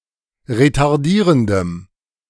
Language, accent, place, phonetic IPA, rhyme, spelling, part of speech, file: German, Germany, Berlin, [ʁetaʁˈdiːʁəndəm], -iːʁəndəm, retardierendem, adjective, De-retardierendem.ogg
- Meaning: strong dative masculine/neuter singular of retardierend